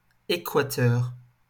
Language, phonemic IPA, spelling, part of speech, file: French, /e.kwa.tœʁ/, équateur, noun, LL-Q150 (fra)-équateur.wav
- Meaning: equator (imaginary great circle around Earth, equidistant from the two poles, and dividing earth's surface into the northern and southern hemisphere)